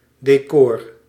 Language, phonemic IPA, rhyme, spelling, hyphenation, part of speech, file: Dutch, /deːˈkɔr/, -ɔr, decor, de‧cor, noun, Nl-decor.ogg
- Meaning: 1. stage setting, decor, scenery 2. decor; decoration